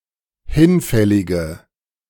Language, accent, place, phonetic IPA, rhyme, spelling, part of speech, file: German, Germany, Berlin, [ˈhɪnˌfɛlɪɡə], -ɪnfɛlɪɡə, hinfällige, adjective, De-hinfällige.ogg
- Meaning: inflection of hinfällig: 1. strong/mixed nominative/accusative feminine singular 2. strong nominative/accusative plural 3. weak nominative all-gender singular